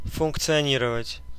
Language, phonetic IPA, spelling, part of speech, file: Russian, [fʊnkt͡sɨɐˈnʲirəvətʲ], функционировать, verb, Ru-функционировать.ogg
- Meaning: to function (to carry on a function)